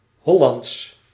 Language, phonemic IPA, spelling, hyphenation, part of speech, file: Dutch, /ˈɦɔ.lɑnts/, Hollands, Hol‧lands, adjective / proper noun, Nl-Hollands.ogg
- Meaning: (adjective) 1. Hollandic (of or from Holland) 2. Netherlandic Dutch; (proper noun) Hollandic (dialect)